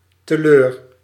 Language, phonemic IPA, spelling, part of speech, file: Dutch, /təˈløːr/, teleur, adverb, Nl-teleur.ogg
- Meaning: to a loss, to waste